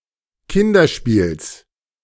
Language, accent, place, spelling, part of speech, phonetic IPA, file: German, Germany, Berlin, Kinderspiels, noun, [ˈkɪndɐˌʃpiːls], De-Kinderspiels.ogg
- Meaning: genitive singular of Kinderspiel